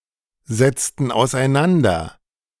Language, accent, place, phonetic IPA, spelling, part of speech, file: German, Germany, Berlin, [zɛt͡stn̩ aʊ̯sʔaɪ̯ˈnandɐ], setzten auseinander, verb, De-setzten auseinander.ogg
- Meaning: inflection of auseinandersetzen: 1. first/third-person plural preterite 2. first/third-person plural subjunctive II